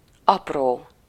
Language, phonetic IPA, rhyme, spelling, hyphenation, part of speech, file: Hungarian, [ˈɒproː], -roː, apró, ap‧ró, adjective / noun, Hu-apró.ogg
- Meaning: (adjective) 1. tiny, small 2. small, dwarf, lesser; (noun) 1. change, loose change (small denominations of money) 2. small steps 3. small child